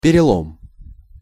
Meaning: 1. break, breaking, fracture 2. change, turn, turnaround, (of a disease) crisis, turning point
- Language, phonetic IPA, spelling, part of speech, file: Russian, [pʲɪrʲɪˈɫom], перелом, noun, Ru-перелом.ogg